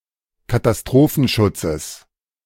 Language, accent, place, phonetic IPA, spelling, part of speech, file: German, Germany, Berlin, [kataˈstʁoːfn̩ˌʃʊt͡səs], Katastrophenschutzes, noun, De-Katastrophenschutzes.ogg
- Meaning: genitive singular of Katastrophenschutz